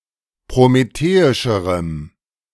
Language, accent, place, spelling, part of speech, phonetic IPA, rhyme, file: German, Germany, Berlin, prometheischerem, adjective, [pʁomeˈteːɪʃəʁəm], -eːɪʃəʁəm, De-prometheischerem.ogg
- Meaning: strong dative masculine/neuter singular comparative degree of prometheisch